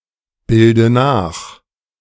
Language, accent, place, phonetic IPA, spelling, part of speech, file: German, Germany, Berlin, [ˌbɪldə ˈnaːx], bilde nach, verb, De-bilde nach.ogg
- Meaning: inflection of nachbilden: 1. first-person singular present 2. first/third-person singular subjunctive I 3. singular imperative